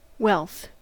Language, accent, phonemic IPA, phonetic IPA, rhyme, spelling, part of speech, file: English, US, /wɛlθ/, [wɛl̪θ], -ɛlθ, wealth, noun, En-us-wealth.ogg
- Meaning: 1. Riches; a great amount of valuable assets or material possessions 2. A great amount; an abundance or plenty 3. Prosperity; well-being; happiness